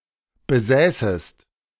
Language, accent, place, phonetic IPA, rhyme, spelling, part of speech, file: German, Germany, Berlin, [bəˈzɛːsəst], -ɛːsəst, besäßest, verb, De-besäßest.ogg
- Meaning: second-person singular subjunctive II of besitzen